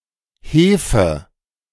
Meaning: yeast
- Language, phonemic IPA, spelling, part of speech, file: German, /ˈheːfə/, Hefe, noun, De-Hefe.ogg